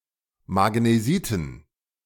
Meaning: dative plural of Magnesit
- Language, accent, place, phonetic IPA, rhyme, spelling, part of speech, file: German, Germany, Berlin, [maɡneˈziːtn̩], -iːtn̩, Magnesiten, noun, De-Magnesiten.ogg